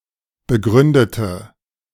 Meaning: inflection of begründet: 1. strong/mixed nominative/accusative feminine singular 2. strong nominative/accusative plural 3. weak nominative all-gender singular
- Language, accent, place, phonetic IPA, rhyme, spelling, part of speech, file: German, Germany, Berlin, [bəˈɡʁʏndətə], -ʏndətə, begründete, adjective / verb, De-begründete.ogg